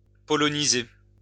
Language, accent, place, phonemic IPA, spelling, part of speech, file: French, France, Lyon, /pɔ.lɔ.ni.ze/, poloniser, verb, LL-Q150 (fra)-poloniser.wav
- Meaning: to Polonise (UK), Polonize